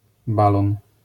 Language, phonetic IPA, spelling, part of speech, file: Polish, [ˈbalɔ̃n], balon, noun, LL-Q809 (pol)-balon.wav